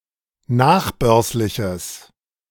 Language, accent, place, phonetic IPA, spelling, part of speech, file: German, Germany, Berlin, [ˈnaːxˌbœʁslɪçəs], nachbörsliches, adjective, De-nachbörsliches.ogg
- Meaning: strong/mixed nominative/accusative neuter singular of nachbörslich